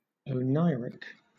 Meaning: 1. Of or pertaining to dreams 2. Resembling a dream; dreamlike
- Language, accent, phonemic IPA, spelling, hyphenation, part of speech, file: English, Southern England, /əʊˈnaɪ.ɹɪk/, oneiric, o‧nei‧ric, adjective, LL-Q1860 (eng)-oneiric.wav